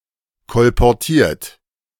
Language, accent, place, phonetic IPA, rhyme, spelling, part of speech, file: German, Germany, Berlin, [kɔlpɔʁˈtiːɐ̯t], -iːɐ̯t, kolportiert, verb, De-kolportiert.ogg
- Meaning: 1. past participle of kolportieren 2. inflection of kolportieren: third-person singular present 3. inflection of kolportieren: second-person plural present